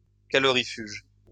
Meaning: insulating
- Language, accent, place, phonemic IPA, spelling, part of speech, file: French, France, Lyon, /ka.lɔ.ʁi.fyʒ/, calorifuge, adjective, LL-Q150 (fra)-calorifuge.wav